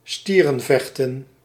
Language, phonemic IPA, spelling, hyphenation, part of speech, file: Dutch, /ˈstiː.rə(n)ˌvɛx.tə(n)/, stierenvechten, stie‧ren‧vech‧ten, noun, Nl-stierenvechten.ogg
- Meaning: bullfighting